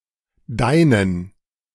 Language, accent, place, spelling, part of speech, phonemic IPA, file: German, Germany, Berlin, deinen, determiner, /ˈdaɪ̯nən/, De-deinen.ogg
- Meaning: inflection of dein: 1. accusative masculine singular 2. dative plural